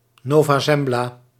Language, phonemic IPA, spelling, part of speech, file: Dutch, /ˌnoː.vaː ˈzɛm.blaː/, Nova Zembla, proper noun, Nl-Nova Zembla.ogg
- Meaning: Novaya Zemlya